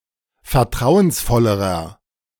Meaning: inflection of vertrauensvoll: 1. strong/mixed nominative masculine singular comparative degree 2. strong genitive/dative feminine singular comparative degree
- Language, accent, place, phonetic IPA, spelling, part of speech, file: German, Germany, Berlin, [fɛɐ̯ˈtʁaʊ̯ənsˌfɔləʁɐ], vertrauensvollerer, adjective, De-vertrauensvollerer.ogg